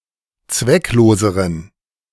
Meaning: inflection of zwecklos: 1. strong genitive masculine/neuter singular comparative degree 2. weak/mixed genitive/dative all-gender singular comparative degree
- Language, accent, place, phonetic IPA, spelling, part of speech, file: German, Germany, Berlin, [ˈt͡svɛkˌloːzəʁən], zweckloseren, adjective, De-zweckloseren.ogg